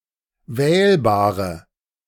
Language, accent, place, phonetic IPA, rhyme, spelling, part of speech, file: German, Germany, Berlin, [ˈvɛːlbaːʁə], -ɛːlbaːʁə, wählbare, adjective, De-wählbare.ogg
- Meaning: inflection of wählbar: 1. strong/mixed nominative/accusative feminine singular 2. strong nominative/accusative plural 3. weak nominative all-gender singular 4. weak accusative feminine/neuter singular